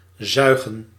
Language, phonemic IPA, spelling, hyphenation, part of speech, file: Dutch, /ˈzœy̯.ɣə(n)/, zuigen, zui‧gen, verb, Nl-zuigen.ogg
- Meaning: 1. suck 2. vacuum, hoover 3. suckle, nurse 4. pester 5. to be bad, to suck